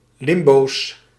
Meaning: plural of limbo
- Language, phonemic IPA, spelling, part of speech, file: Dutch, /ˈlɪmbos/, limbo's, noun, Nl-limbo's.ogg